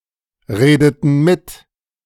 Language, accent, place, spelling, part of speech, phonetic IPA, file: German, Germany, Berlin, redeten mit, verb, [ˌʁeːdətn̩ ˈmɪt], De-redeten mit.ogg
- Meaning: inflection of mitreden: 1. first/third-person plural preterite 2. first/third-person plural subjunctive II